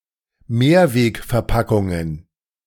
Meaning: plural of Mehrwegverpackung
- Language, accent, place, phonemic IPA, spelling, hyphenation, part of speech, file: German, Germany, Berlin, /ˈmeːɐ̯veːkfɛɐ̯ˌpakʊŋən/, Mehrwegverpackungen, Mehr‧weg‧ver‧pa‧ckun‧gen, noun, De-Mehrwegverpackungen.ogg